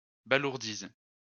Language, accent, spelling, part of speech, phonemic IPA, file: French, France, balourdise, noun, /ba.luʁ.diz/, LL-Q150 (fra)-balourdise.wav
- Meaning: 1. clumsiness 2. blunder